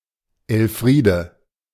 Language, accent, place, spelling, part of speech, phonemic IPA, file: German, Germany, Berlin, Elfriede, proper noun, /ɛlˈfʁiːdə/, De-Elfriede.ogg
- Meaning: a female given name, equivalent to English Elfreda